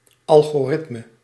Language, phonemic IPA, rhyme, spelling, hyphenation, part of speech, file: Dutch, /ˌɑl.ɣoːˈrɪt.mə/, -ɪtmə, algoritme, al‧go‧rit‧me, noun, Nl-algoritme.ogg
- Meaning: an algorithm, precise logical computational procedure